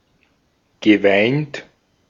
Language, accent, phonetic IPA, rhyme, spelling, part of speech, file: German, Austria, [ɡəˈvaɪ̯nt], -aɪ̯nt, geweint, verb, De-at-geweint.ogg
- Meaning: past participle of weinen